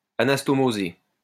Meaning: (verb) past participle of anastomoser; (adjective) anastomosed
- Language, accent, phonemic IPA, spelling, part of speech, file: French, France, /a.nas.tɔ.mo.ze/, anastomosé, verb / adjective, LL-Q150 (fra)-anastomosé.wav